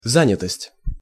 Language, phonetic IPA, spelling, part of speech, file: Russian, [ˈzanʲɪtəsʲtʲ], занятость, noun, Ru-занятость.ogg
- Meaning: 1. employment (rate, status), occupancy 2. being busy, pressure of work